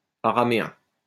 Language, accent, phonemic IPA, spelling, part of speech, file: French, France, /a.ʁa.me.ɛ̃/, araméen, adjective / noun, LL-Q150 (fra)-araméen.wav
- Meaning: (adjective) Aramean, Aramaic; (noun) Aramaic (language)